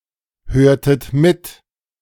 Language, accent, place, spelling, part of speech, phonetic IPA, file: German, Germany, Berlin, hörtet mit, verb, [ˌhøːɐ̯tət ˈmɪt], De-hörtet mit.ogg
- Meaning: inflection of mithören: 1. second-person plural preterite 2. second-person plural subjunctive II